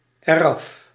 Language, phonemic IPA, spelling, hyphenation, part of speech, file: Dutch, /əˈrɑf/, eraf, er‧af, adverb, Nl-eraf.ogg
- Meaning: pronominal adverb form of af + het